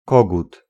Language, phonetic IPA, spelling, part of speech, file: Polish, [ˈkɔɡut], kogut, noun, Pl-kogut.ogg